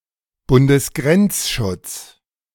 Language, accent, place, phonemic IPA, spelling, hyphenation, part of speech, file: German, Germany, Berlin, /ˌbʊndəsˈɡʁɛntsʃʊts/, Bundesgrenzschutz, Bun‧des‧grenz‧schutz, noun, De-Bundesgrenzschutz.ogg
- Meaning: Bundesgrenzschutz (Federal Border Guard), obsolete name of the Bundespolizei